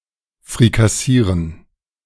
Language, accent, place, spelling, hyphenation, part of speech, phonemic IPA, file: German, Germany, Berlin, frikassieren, fri‧kas‧sie‧ren, verb, /fʁikaˈsiːʁən/, De-frikassieren.ogg
- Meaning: to fricassee